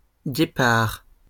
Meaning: cheetah
- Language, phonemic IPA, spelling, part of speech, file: French, /ɡe.paʁ/, guépard, noun, LL-Q150 (fra)-guépard.wav